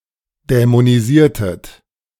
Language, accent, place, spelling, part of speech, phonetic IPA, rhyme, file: German, Germany, Berlin, dämonisiertet, verb, [dɛmoniˈziːɐ̯tət], -iːɐ̯tət, De-dämonisiertet.ogg
- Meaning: inflection of dämonisieren: 1. second-person plural preterite 2. second-person plural subjunctive II